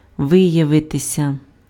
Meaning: 1. to show itself, to manifest itself, to become apparent 2. to come to light 3. to turn out, to prove, to show itself (to be: +instrumental) 4. passive of ви́явити pf (výjavyty)
- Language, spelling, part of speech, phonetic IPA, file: Ukrainian, виявитися, verb, [ˈʋɪjɐʋetesʲɐ], Uk-виявитися.ogg